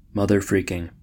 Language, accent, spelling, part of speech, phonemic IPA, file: English, US, motherfreaking, adjective / adverb, /ˈmʌðə(ɹ)ˌfɹiːkɪŋ/, En-us-motherfreaking.ogg
- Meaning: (adjective) An intensifier, used in the same contexts as freaking, but more intense; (adverb) To an extreme degree